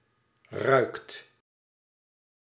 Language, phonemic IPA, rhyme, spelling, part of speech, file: Dutch, /rœy̯kt/, -œy̯kt, ruikt, verb, Nl-ruikt.ogg
- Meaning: inflection of ruiken: 1. second/third-person singular present indicative 2. plural imperative